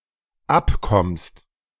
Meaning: second-person singular dependent present of abkommen
- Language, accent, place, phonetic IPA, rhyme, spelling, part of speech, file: German, Germany, Berlin, [ˈapˌkɔmst], -apkɔmst, abkommst, verb, De-abkommst.ogg